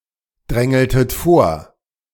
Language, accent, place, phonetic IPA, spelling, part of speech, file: German, Germany, Berlin, [ˌdʁɛŋl̩tət ˈfoːɐ̯], drängeltet vor, verb, De-drängeltet vor.ogg
- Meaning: inflection of vordrängeln: 1. second-person plural preterite 2. second-person plural subjunctive II